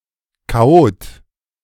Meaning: 1. chaotic person 2. violent anarchist
- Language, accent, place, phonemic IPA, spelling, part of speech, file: German, Germany, Berlin, /kaˈʔoːt/, Chaot, noun, De-Chaot.ogg